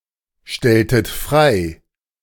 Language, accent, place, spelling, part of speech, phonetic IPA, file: German, Germany, Berlin, Stellungnahme, noun, [ˈʃtɛlʊŋˌnaːmə], De-Stellungnahme.ogg
- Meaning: 1. statement, comment, expression of an opinion 2. opinion, view on a particular subject